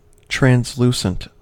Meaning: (adjective) 1. Allowing light to pass through, but diffusing it 2. Clear, lucid, or transparent; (noun) Something that is translucent
- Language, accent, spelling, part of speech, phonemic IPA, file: English, US, translucent, adjective / noun, /tɹænzˈlu.sənt/, En-us-translucent.ogg